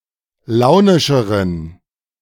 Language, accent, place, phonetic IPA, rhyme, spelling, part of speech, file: German, Germany, Berlin, [ˈlaʊ̯nɪʃəʁən], -aʊ̯nɪʃəʁən, launischeren, adjective, De-launischeren.ogg
- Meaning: inflection of launisch: 1. strong genitive masculine/neuter singular comparative degree 2. weak/mixed genitive/dative all-gender singular comparative degree